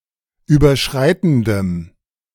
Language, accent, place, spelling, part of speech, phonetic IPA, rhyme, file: German, Germany, Berlin, überschreitendem, adjective, [ˌyːbɐˈʃʁaɪ̯tn̩dəm], -aɪ̯tn̩dəm, De-überschreitendem.ogg
- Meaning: strong dative masculine/neuter singular of überschreitend